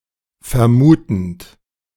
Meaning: present participle of vermuten
- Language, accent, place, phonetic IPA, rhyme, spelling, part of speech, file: German, Germany, Berlin, [fɛɐ̯ˈmuːtn̩t], -uːtn̩t, vermutend, verb, De-vermutend.ogg